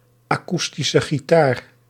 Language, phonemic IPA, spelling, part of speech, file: Dutch, /aːˌkus.ti.sə ɣiˈtaːr/, akoestische gitaar, noun, Nl-akoestische gitaar.ogg
- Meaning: acoustic guitar